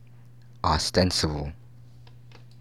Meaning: 1. Apparent, evident; meant for open display 2. Appearing as such; being such in appearance; professed, supposed (rather than demonstrably true or real)
- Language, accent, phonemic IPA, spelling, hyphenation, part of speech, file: English, US, /ɑˈstɛns.ɪ.bəl/, ostensible, os‧ten‧si‧ble, adjective, Ostensible-us-pron.ogg